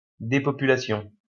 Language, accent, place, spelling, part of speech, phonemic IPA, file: French, France, Lyon, dépopulation, noun, /de.pɔ.py.la.sjɔ̃/, LL-Q150 (fra)-dépopulation.wav
- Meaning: depopulation